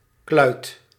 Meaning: 1. lump, clod (mostly in connection to earth or soil) 2. obsolete form of kluut
- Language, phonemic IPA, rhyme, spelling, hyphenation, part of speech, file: Dutch, /klœy̯t/, -œy̯t, kluit, kluit, noun, Nl-kluit.ogg